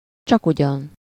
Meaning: really, indeed
- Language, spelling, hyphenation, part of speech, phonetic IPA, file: Hungarian, csakugyan, csak‧ugyan, adverb, [ˈt͡ʃɒkuɟɒn], Hu-csakugyan.ogg